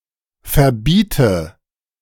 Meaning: inflection of verbieten: 1. first-person singular present 2. first/third-person singular subjunctive I 3. singular imperative
- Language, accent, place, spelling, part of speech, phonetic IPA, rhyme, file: German, Germany, Berlin, verbiete, verb, [fɛɐ̯ˈbiːtə], -iːtə, De-verbiete.ogg